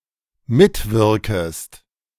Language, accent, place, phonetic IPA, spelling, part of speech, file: German, Germany, Berlin, [ˈmɪtˌvɪʁkəst], mitwirkest, verb, De-mitwirkest.ogg
- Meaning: second-person singular dependent subjunctive I of mitwirken